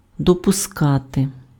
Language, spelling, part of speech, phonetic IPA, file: Ukrainian, допускати, verb, [dɔpʊˈskate], Uk-допускати.ogg
- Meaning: 1. to admit (grant entrance or access to) 2. to permit, to allow, to accept, to tolerate 3. to admit (concede as true or possible)